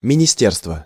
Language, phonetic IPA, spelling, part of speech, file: Russian, [mʲɪnʲɪˈsʲtʲerstvə], министерство, noun, Ru-министерство.ogg
- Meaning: ministry, department (a department of government, headed by a minister)